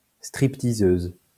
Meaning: alternative spelling of stripteaseuse
- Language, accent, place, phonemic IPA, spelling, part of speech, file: French, France, Lyon, /stʁip.ti.zøz/, strip-teaseuse, noun, LL-Q150 (fra)-strip-teaseuse.wav